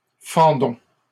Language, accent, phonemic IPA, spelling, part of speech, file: French, Canada, /fɑ̃.dɔ̃/, fendons, verb, LL-Q150 (fra)-fendons.wav
- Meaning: inflection of fendre: 1. first-person plural present indicative 2. first-person plural imperative